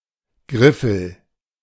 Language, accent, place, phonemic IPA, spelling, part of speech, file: German, Germany, Berlin, /ˈɡʁɪfl̩/, Griffel, noun, De-Griffel.ogg
- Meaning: 1. stylus, pen, slate pencil (an antiquated writing tool, used in ancient times, prior to the appearance of blackboards) 2. style 3. finger, mitt